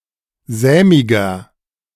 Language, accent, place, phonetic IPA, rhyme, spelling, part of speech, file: German, Germany, Berlin, [ˈzɛːmɪɡɐ], -ɛːmɪɡɐ, sämiger, adjective, De-sämiger.ogg
- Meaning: 1. comparative degree of sämig 2. inflection of sämig: strong/mixed nominative masculine singular 3. inflection of sämig: strong genitive/dative feminine singular